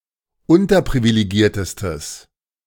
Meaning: strong/mixed nominative/accusative neuter singular superlative degree of unterprivilegiert
- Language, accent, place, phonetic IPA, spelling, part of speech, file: German, Germany, Berlin, [ˈʊntɐpʁivileˌɡiːɐ̯təstəs], unterprivilegiertestes, adjective, De-unterprivilegiertestes.ogg